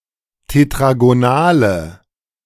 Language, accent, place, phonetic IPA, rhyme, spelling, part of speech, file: German, Germany, Berlin, [tetʁaɡoˈnaːlə], -aːlə, tetragonale, adjective, De-tetragonale.ogg
- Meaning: inflection of tetragonal: 1. strong/mixed nominative/accusative feminine singular 2. strong nominative/accusative plural 3. weak nominative all-gender singular